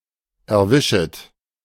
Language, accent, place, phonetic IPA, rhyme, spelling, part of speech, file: German, Germany, Berlin, [ɛɐ̯ˈvɪʃət], -ɪʃət, erwischet, verb, De-erwischet.ogg
- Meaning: second-person plural subjunctive I of erwischen